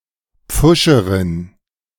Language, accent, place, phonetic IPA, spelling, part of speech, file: German, Germany, Berlin, [ˈp͡fʊʃəʁɪn], Pfuscherin, noun, De-Pfuscherin.ogg
- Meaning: female equivalent of Pfuscher